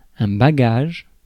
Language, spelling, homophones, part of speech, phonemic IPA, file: French, bagage, baguage, noun, /ba.ɡaʒ/, Fr-bagage.ogg
- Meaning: baggage; luggage